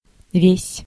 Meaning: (determiner) 1. all, the whole, all of, the whole of, the entire, the entirety of 2. all, all (of) (about discrete entities)
- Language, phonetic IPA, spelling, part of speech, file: Russian, [vʲesʲ], весь, determiner / pronoun / adverb / adjective / noun / verb, Ru-весь.ogg